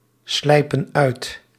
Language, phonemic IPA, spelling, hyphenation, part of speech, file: Dutch, /ˌslɛi̯.pə(n)ˈœy̯t/, slijpen uit, slij‧pen uit, verb, Nl-slijpen uit.ogg
- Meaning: inflection of uitslijpen: 1. plural present indicative 2. plural present subjunctive